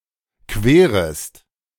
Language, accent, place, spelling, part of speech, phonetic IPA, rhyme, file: German, Germany, Berlin, querest, verb, [ˈkveːʁəst], -eːʁəst, De-querest.ogg
- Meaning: second-person singular subjunctive I of queren